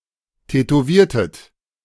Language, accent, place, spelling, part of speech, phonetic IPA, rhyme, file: German, Germany, Berlin, tätowiertet, verb, [tɛtoˈviːɐ̯tət], -iːɐ̯tət, De-tätowiertet.ogg
- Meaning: inflection of tätowieren: 1. second-person plural preterite 2. second-person plural subjunctive II